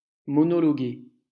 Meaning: to soliloquize
- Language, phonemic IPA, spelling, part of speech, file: French, /mɔ.nɔ.lɔ.ɡe/, monologuer, verb, LL-Q150 (fra)-monologuer.wav